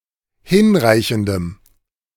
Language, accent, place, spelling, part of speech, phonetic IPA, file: German, Germany, Berlin, hinreichendem, adjective, [ˈhɪnˌʁaɪ̯çn̩dəm], De-hinreichendem.ogg
- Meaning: strong dative masculine/neuter singular of hinreichend